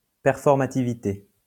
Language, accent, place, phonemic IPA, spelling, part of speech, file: French, France, Lyon, /pɛʁ.fɔʁ.ma.ti.vi.te/, performativité, noun, LL-Q150 (fra)-performativité.wav
- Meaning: performativity